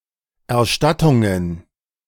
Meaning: plural of Erstattung
- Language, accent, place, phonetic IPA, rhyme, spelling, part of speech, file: German, Germany, Berlin, [ɛɐ̯ˈʃtatʊŋən], -atʊŋən, Erstattungen, noun, De-Erstattungen.ogg